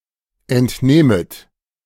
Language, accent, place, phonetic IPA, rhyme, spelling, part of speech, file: German, Germany, Berlin, [ɛntˈnɛːmət], -ɛːmət, entnähmet, verb, De-entnähmet.ogg
- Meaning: second-person plural subjunctive I of entnehmen